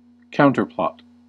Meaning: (noun) A plot made in opposition to another; a counterploy; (verb) To form a plot or plan in opposition to the actions of another
- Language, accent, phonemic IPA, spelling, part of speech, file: English, US, /ˈkaʊn.tɚ.plɑt/, counterplot, noun / verb, En-us-counterplot.ogg